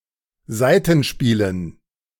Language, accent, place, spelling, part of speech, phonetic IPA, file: German, Germany, Berlin, Saitenspielen, noun, [ˈzaɪ̯tn̩ˌʃpiːlən], De-Saitenspielen.ogg
- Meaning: dative plural of Saitenspiel